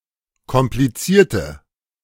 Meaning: inflection of kompliziert: 1. strong/mixed nominative/accusative feminine singular 2. strong nominative/accusative plural 3. weak nominative all-gender singular
- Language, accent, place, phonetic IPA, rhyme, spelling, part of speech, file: German, Germany, Berlin, [kɔmpliˈt͡siːɐ̯tə], -iːɐ̯tə, komplizierte, adjective / verb, De-komplizierte.ogg